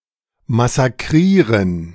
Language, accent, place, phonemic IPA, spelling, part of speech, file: German, Germany, Berlin, /masaˈkʁiːʁən/, massakrieren, verb, De-massakrieren.ogg
- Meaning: to massacre